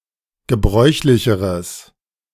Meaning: strong/mixed nominative/accusative neuter singular comparative degree of gebräuchlich
- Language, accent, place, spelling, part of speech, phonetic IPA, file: German, Germany, Berlin, gebräuchlicheres, adjective, [ɡəˈbʁɔɪ̯çlɪçəʁəs], De-gebräuchlicheres.ogg